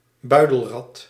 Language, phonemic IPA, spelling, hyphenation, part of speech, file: Dutch, /ˈbœy̯.dəlˌrɑt/, buidelrat, bui‧del‧rat, noun, Nl-buidelrat.ogg
- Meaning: opossum, marsupial of the family Didelphidae